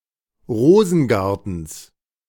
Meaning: genitive of Rosengarten
- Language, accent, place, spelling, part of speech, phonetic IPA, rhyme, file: German, Germany, Berlin, Rosengartens, noun, [ˈʁoːzn̩ˌɡaʁtn̩s], -oːzn̩ɡaʁtn̩s, De-Rosengartens.ogg